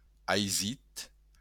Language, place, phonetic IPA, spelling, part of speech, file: Occitan, Béarn, [ajˈzit], aisit, adjective, LL-Q14185 (oci)-aisit.wav
- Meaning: easy